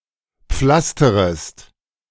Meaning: second-person singular subjunctive I of pflastern
- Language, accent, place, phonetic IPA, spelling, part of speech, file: German, Germany, Berlin, [ˈp͡flastəʁəst], pflasterest, verb, De-pflasterest.ogg